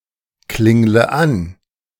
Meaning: inflection of anklingeln: 1. first-person singular present 2. first/third-person singular subjunctive I 3. singular imperative
- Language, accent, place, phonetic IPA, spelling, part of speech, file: German, Germany, Berlin, [ˌklɪŋlə ˈan], klingle an, verb, De-klingle an.ogg